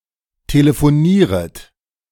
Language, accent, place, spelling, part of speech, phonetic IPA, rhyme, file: German, Germany, Berlin, telefonieret, verb, [teləfoˈniːʁət], -iːʁət, De-telefonieret.ogg
- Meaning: second-person plural subjunctive I of telefonieren